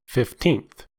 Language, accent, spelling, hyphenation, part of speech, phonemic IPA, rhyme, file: English, US, fifteenth, fif‧teenth, adjective / noun, /ˌfɪfˈtiːnθ/, -iːnθ, En-us-fifteenth.ogg
- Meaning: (adjective) The ordinal form of the number fifteen; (noun) 1. The person or thing in the fifteenth position 2. One of fifteen equal parts of a whole 3. The interval comprising two octaves